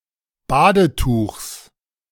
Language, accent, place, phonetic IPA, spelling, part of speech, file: German, Germany, Berlin, [ˈbaːdəˌtuːxs], Badetuchs, noun, De-Badetuchs.ogg
- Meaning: genitive singular of Badetuch